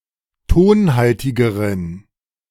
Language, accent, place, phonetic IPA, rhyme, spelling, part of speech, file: German, Germany, Berlin, [ˈtoːnˌhaltɪɡəʁən], -oːnhaltɪɡəʁən, tonhaltigeren, adjective, De-tonhaltigeren.ogg
- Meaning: inflection of tonhaltig: 1. strong genitive masculine/neuter singular comparative degree 2. weak/mixed genitive/dative all-gender singular comparative degree